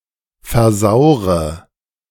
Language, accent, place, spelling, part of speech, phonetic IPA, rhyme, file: German, Germany, Berlin, versaure, verb, [fɛɐ̯ˈzaʊ̯ʁə], -aʊ̯ʁə, De-versaure.ogg
- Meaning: inflection of versauern: 1. first-person singular present 2. first/third-person singular subjunctive I 3. singular imperative